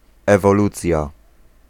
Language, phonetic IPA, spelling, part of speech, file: Polish, [ˌɛvɔˈlut͡sʲja], ewolucja, noun, Pl-ewolucja.ogg